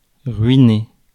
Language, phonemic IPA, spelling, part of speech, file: French, /ʁɥi.ne/, ruiner, verb, Fr-ruiner.ogg
- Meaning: 1. to ruin 2. to raze to the ground, to destroy, to wreck 3. to shatter (hope), to ruin (reputation)